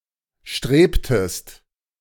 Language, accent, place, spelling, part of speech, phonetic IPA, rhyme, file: German, Germany, Berlin, strebtest, verb, [ˈʃtʁeːptəst], -eːptəst, De-strebtest.ogg
- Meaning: inflection of streben: 1. second-person singular preterite 2. second-person singular subjunctive II